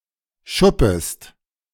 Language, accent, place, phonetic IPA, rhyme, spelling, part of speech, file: German, Germany, Berlin, [ˈʃʊpəst], -ʊpəst, schuppest, verb, De-schuppest.ogg
- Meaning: second-person singular subjunctive I of schuppen